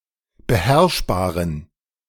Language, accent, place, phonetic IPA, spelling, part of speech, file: German, Germany, Berlin, [bəˈhɛʁʃbaːʁən], beherrschbaren, adjective, De-beherrschbaren.ogg
- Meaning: inflection of beherrschbar: 1. strong genitive masculine/neuter singular 2. weak/mixed genitive/dative all-gender singular 3. strong/weak/mixed accusative masculine singular 4. strong dative plural